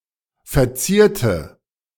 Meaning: inflection of verzieren: 1. first/third-person singular preterite 2. first/third-person singular subjunctive II
- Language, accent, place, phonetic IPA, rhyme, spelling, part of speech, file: German, Germany, Berlin, [fɛɐ̯ˈt͡siːɐ̯tə], -iːɐ̯tə, verzierte, adjective / verb, De-verzierte.ogg